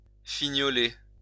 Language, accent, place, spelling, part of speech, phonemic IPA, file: French, France, Lyon, fignoler, verb, /fi.ɲɔ.le/, LL-Q150 (fra)-fignoler.wav
- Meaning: to tweak, put the finishing touches to